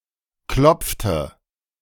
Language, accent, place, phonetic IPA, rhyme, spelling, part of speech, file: German, Germany, Berlin, [ˈklɔp͡ftə], -ɔp͡ftə, klopfte, verb, De-klopfte.ogg
- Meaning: 1. first/third-person singular preterite of klopfen 2. first/third-person singular subjunctive II of klopfen